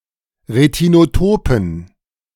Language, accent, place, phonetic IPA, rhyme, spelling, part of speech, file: German, Germany, Berlin, [ʁetinoˈtoːpn̩], -oːpn̩, retinotopen, adjective, De-retinotopen.ogg
- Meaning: inflection of retinotop: 1. strong genitive masculine/neuter singular 2. weak/mixed genitive/dative all-gender singular 3. strong/weak/mixed accusative masculine singular 4. strong dative plural